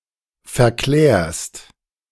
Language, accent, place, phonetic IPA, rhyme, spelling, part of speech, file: German, Germany, Berlin, [fɛɐ̯ˈklɛːɐ̯st], -ɛːɐ̯st, verklärst, verb, De-verklärst.ogg
- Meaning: second-person singular present of verklären